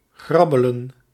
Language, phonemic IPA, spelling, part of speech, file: Dutch, /ˈɣrɑbələ(n)/, grabbelen, verb, Nl-grabbelen.ogg
- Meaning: to grabble, to scramble, to grope